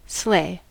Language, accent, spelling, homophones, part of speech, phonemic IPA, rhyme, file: English, US, sleigh, slay / sley, noun / verb / adjective, /sleɪ/, -eɪ, En-us-sleigh.ogg
- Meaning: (noun) A vehicle, generally pulled by an animal, which moves over snow or ice on runners, used for transporting persons or goods. (contrast "sled", which is smaller); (verb) To ride or drive a sleigh